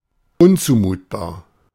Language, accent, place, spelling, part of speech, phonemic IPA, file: German, Germany, Berlin, unzumutbar, adjective, /ˈʊnt͡suːmuːtbaːɐ̯/, De-unzumutbar.ogg
- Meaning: unreasonable, unacceptable